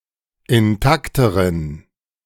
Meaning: inflection of intakt: 1. strong genitive masculine/neuter singular comparative degree 2. weak/mixed genitive/dative all-gender singular comparative degree
- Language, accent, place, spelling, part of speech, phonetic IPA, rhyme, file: German, Germany, Berlin, intakteren, adjective, [ɪnˈtaktəʁən], -aktəʁən, De-intakteren.ogg